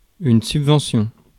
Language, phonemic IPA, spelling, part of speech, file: French, /syb.vɑ̃.sjɔ̃/, subvention, noun, Fr-subvention.ogg
- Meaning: 1. subsidy 2. grant